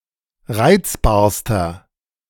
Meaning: inflection of reizbar: 1. strong/mixed nominative masculine singular superlative degree 2. strong genitive/dative feminine singular superlative degree 3. strong genitive plural superlative degree
- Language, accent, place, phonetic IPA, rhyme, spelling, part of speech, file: German, Germany, Berlin, [ˈʁaɪ̯t͡sbaːɐ̯stɐ], -aɪ̯t͡sbaːɐ̯stɐ, reizbarster, adjective, De-reizbarster.ogg